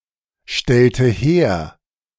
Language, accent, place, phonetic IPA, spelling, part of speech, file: German, Germany, Berlin, [ˌʃtɛltə ˈheːɐ̯], stellte her, verb, De-stellte her.ogg
- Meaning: inflection of herstellen: 1. first/third-person singular preterite 2. first/third-person singular subjunctive II